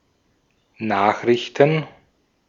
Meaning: 1. news 2. plural of Nachricht
- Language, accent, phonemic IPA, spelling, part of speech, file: German, Austria, /ˈnaːxʁɪçtən/, Nachrichten, noun, De-at-Nachrichten.ogg